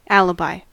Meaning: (noun) The plea or mode of defense under which a person on trial for a crime proves or attempts to prove being in another place when the alleged act was committed
- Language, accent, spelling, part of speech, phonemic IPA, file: English, US, alibi, noun / verb, /ˈæl.ə.baɪ/, En-us-alibi.ogg